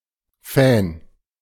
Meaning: fan, devotee
- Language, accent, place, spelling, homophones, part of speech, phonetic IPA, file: German, Germany, Berlin, Fan, Fenn, noun, [fɛn], De-Fan.ogg